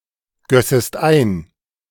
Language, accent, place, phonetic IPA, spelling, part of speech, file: German, Germany, Berlin, [ˌɡœsəst ˈaɪ̯n], gössest ein, verb, De-gössest ein.ogg
- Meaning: second-person singular subjunctive II of eingießen